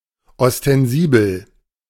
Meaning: ostensible
- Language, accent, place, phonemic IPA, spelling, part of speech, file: German, Germany, Berlin, /ɔstɛnˈziːbəl/, ostensibel, adjective, De-ostensibel.ogg